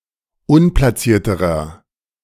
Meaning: inflection of unplaciert: 1. strong/mixed nominative masculine singular comparative degree 2. strong genitive/dative feminine singular comparative degree 3. strong genitive plural comparative degree
- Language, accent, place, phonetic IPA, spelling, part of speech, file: German, Germany, Berlin, [ˈʊnplasiːɐ̯təʁɐ], unplacierterer, adjective, De-unplacierterer.ogg